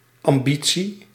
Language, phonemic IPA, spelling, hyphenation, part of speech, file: Dutch, /ɑmˈbi(t)si/, ambitie, am‧bi‧tie, noun, Nl-ambitie.ogg
- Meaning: ambition